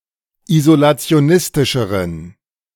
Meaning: inflection of isolationistisch: 1. strong genitive masculine/neuter singular comparative degree 2. weak/mixed genitive/dative all-gender singular comparative degree
- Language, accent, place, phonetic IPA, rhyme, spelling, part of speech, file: German, Germany, Berlin, [izolat͡si̯oˈnɪstɪʃəʁən], -ɪstɪʃəʁən, isolationistischeren, adjective, De-isolationistischeren.ogg